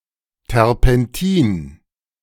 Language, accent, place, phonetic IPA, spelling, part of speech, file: German, Germany, Berlin, [tɛʁpɛnˈtiːn], Terpentin, noun, De-Terpentin.ogg
- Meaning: turpentine